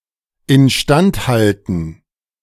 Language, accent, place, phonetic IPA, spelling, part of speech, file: German, Germany, Berlin, [ɪnˈʃtant ˌhaltn̩], instand halten, verb, De-instand halten.ogg
- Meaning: to maintain (to keep in good condition)